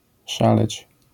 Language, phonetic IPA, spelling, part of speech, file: Polish, [ˈʃalɛt͡ɕ], szaleć, verb, LL-Q809 (pol)-szaleć.wav